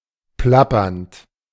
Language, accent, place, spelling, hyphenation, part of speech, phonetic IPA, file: German, Germany, Berlin, plappernd, plap‧pernd, verb, [ˈplapɐnt], De-plappernd.ogg
- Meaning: present participle of plappern